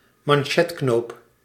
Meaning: cufflink
- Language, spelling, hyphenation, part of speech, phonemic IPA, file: Dutch, manchetknoop, man‧chet‧knoop, noun, /mɑnˈʃɛtˌknoːp/, Nl-manchetknoop.ogg